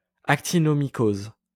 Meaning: actinomycosis
- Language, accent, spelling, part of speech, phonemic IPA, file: French, France, actinomycose, noun, /ak.ti.nɔ.mi.koz/, LL-Q150 (fra)-actinomycose.wav